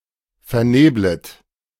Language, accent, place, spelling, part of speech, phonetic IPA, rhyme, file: German, Germany, Berlin, verneblet, verb, [fɛɐ̯ˈneːblət], -eːblət, De-verneblet.ogg
- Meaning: second-person plural subjunctive I of vernebeln